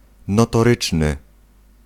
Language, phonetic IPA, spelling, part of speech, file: Polish, [ˌnɔtɔˈrɨt͡ʃnɨ], notoryczny, adjective, Pl-notoryczny.ogg